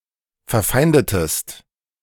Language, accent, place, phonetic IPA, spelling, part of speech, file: German, Germany, Berlin, [fɛɐ̯ˈfaɪ̯ndətəst], verfeindetest, verb, De-verfeindetest.ogg
- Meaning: inflection of verfeinden: 1. second-person singular preterite 2. second-person singular subjunctive II